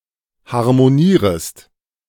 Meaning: second-person singular subjunctive I of harmonieren
- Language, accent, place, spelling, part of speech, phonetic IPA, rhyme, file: German, Germany, Berlin, harmonierest, verb, [haʁmoˈniːʁəst], -iːʁəst, De-harmonierest.ogg